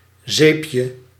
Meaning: 1. diminutive of zeep (“soap”) 2. a European moth, Caryocolum fischerella, whose larvae feed on soapwort plants
- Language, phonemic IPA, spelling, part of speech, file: Dutch, /ˈzepjə/, zeepje, noun, Nl-zeepje.ogg